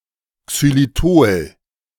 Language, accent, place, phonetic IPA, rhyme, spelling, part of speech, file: German, Germany, Berlin, [ksyliˈtoːl], -oːl, Xylitol, noun, De-Xylitol.ogg
- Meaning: xylitol (an alcohol)